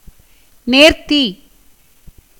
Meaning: 1. neatness, fineness, excellence, elegance 2. that which is correct, equitable or just 3. vow
- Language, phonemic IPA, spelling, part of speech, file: Tamil, /neːɾt̪ːiː/, நேர்த்தி, noun, Ta-நேர்த்தி.ogg